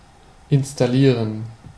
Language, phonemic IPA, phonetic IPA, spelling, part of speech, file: German, /ˈɪnstaˈliːʁən/, [ˈʔɪnstaˈlɪːɐ̯n], installieren, verb, De-installieren.ogg
- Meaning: to install (set up something for use)